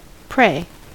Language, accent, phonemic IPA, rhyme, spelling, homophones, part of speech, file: English, US, /pɹeɪ/, -eɪ, prey, pray, noun / verb, En-us-prey.ogg
- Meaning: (noun) 1. That which is or may be seized by animals to be devoured 2. A person or thing given up as a victim 3. A living thing, usually an animal, that is eaten by another living thing